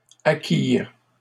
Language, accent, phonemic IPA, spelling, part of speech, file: French, Canada, /a.kiʁ/, acquirent, verb, LL-Q150 (fra)-acquirent.wav
- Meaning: third-person plural past historic of acquérir